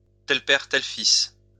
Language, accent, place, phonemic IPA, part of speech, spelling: French, France, Lyon, /tɛl pɛʁ | tɛl fis/, proverb, tel père, tel fils
- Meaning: like father, like son